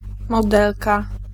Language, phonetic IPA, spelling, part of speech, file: Polish, [mɔˈdɛlka], modelka, noun, Pl-modelka.ogg